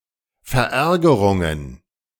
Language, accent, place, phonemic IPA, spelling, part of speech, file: German, Germany, Berlin, /fɛɐ̯ˈɛɐ̯ɡɐʀʊŋən/, Verärgerungen, noun, De-Verärgerungen.ogg
- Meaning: plural of Verärgerung